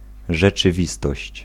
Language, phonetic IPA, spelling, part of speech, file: Polish, [ˌʒɛt͡ʃɨˈvʲistɔɕt͡ɕ], rzeczywistość, noun, Pl-rzeczywistość.ogg